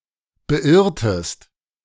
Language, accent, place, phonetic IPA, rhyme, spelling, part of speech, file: German, Germany, Berlin, [bəˈʔɪʁtəst], -ɪʁtəst, beirrtest, verb, De-beirrtest.ogg
- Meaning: inflection of beirren: 1. second-person singular preterite 2. second-person singular subjunctive II